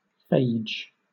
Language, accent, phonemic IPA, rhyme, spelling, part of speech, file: English, Southern England, /feɪd͡ʒ/, -eɪdʒ, -phage, suffix, LL-Q1860 (eng)--phage.wav
- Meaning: eater; something that eats, or consumes